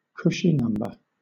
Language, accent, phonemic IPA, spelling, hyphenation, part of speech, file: English, Southern England, /ˌkʊʃi ˈnʌmbə/, cushy number, cu‧shy num‧ber, noun, LL-Q1860 (eng)-cushy number.wav
- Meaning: A job or task that is easy to do; a position that requires little work or is undemanding; a sinecure